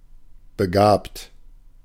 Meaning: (verb) past participle of begaben; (adjective) talented, gifted
- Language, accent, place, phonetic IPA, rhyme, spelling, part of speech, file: German, Germany, Berlin, [bəˈɡaːpt], -aːpt, begabt, adjective / verb, De-begabt.ogg